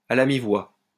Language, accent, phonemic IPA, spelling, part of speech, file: French, France, /a mi.vwa/, à mi-voix, adverb, LL-Q150 (fra)-à mi-voix.wav
- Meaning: in a low voice, sotto voce